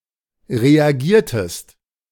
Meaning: inflection of reagieren: 1. second-person singular preterite 2. second-person singular subjunctive II
- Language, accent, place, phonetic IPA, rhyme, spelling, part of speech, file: German, Germany, Berlin, [ʁeaˈɡiːɐ̯təst], -iːɐ̯təst, reagiertest, verb, De-reagiertest.ogg